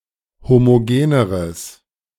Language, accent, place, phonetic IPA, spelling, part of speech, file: German, Germany, Berlin, [ˌhomoˈɡeːnəʁəs], homogeneres, adjective, De-homogeneres.ogg
- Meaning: strong/mixed nominative/accusative neuter singular comparative degree of homogen